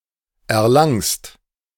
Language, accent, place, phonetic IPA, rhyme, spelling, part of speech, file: German, Germany, Berlin, [ɛɐ̯ˈlaŋst], -aŋst, erlangst, verb, De-erlangst.ogg
- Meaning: second-person singular present of erlangen